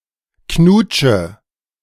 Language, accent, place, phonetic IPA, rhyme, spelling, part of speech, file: German, Germany, Berlin, [ˈknuːt͡ʃə], -uːt͡ʃə, knutsche, verb, De-knutsche.ogg
- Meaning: inflection of knutschen: 1. first-person singular present 2. first/third-person singular subjunctive I 3. singular imperative